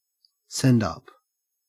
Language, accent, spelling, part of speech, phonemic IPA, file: English, Australia, send-up, noun, /ˈsɛndˌʌp/, En-au-send-up.ogg
- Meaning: A satirical imitation of a work of art or a genre